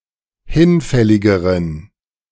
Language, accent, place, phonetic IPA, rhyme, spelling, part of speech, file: German, Germany, Berlin, [ˈhɪnˌfɛlɪɡəʁən], -ɪnfɛlɪɡəʁən, hinfälligeren, adjective, De-hinfälligeren.ogg
- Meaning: inflection of hinfällig: 1. strong genitive masculine/neuter singular comparative degree 2. weak/mixed genitive/dative all-gender singular comparative degree